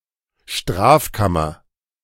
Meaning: criminal division / chamber
- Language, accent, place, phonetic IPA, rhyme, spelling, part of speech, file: German, Germany, Berlin, [ˈʃtʁaːfˌkamɐ], -aːfkamɐ, Strafkammer, noun, De-Strafkammer.ogg